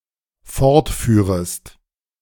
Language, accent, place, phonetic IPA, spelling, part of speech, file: German, Germany, Berlin, [ˈfɔʁtˌfyːʁəst], fortführest, verb, De-fortführest.ogg
- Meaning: second-person singular dependent subjunctive II of fortfahren